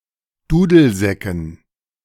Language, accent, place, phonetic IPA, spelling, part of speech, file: German, Germany, Berlin, [ˈduːdl̩ˌzɛkn̩], Dudelsäcken, noun, De-Dudelsäcken.ogg
- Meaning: dative plural of Dudelsack